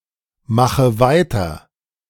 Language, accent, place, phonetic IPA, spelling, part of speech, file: German, Germany, Berlin, [ˌmaxə ˈvaɪ̯tɐ], mache weiter, verb, De-mache weiter.ogg
- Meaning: inflection of weitermachen: 1. first-person singular present 2. first/third-person singular subjunctive I 3. singular imperative